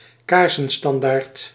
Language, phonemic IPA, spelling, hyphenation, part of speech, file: Dutch, /ˈkaːrsə(n)ˌstɑndaːrt/, kaarsenstandaard, kaar‧sen‧stan‧daard, noun, Nl-kaarsenstandaard.ogg
- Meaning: candelabrum